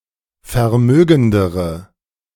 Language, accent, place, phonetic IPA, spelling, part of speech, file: German, Germany, Berlin, [fɛɐ̯ˈmøːɡn̩dəʁə], vermögendere, adjective, De-vermögendere.ogg
- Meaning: inflection of vermögend: 1. strong/mixed nominative/accusative feminine singular comparative degree 2. strong nominative/accusative plural comparative degree